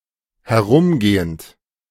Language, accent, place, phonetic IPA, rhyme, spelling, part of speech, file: German, Germany, Berlin, [hɛˈʁʊmˌɡeːənt], -ʊmɡeːənt, herumgehend, verb, De-herumgehend.ogg
- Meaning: present participle of herumgehen